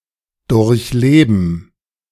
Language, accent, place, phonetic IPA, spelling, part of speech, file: German, Germany, Berlin, [ˌdʊʁçˈleːbn̩], durchleben, verb, De-durchleben2.ogg
- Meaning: to experience, to live through